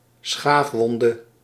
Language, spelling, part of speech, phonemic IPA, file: Dutch, schaafwonde, noun, /ˈsxafwɔndə/, Nl-schaafwonde.ogg
- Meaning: alternative form of schaafwond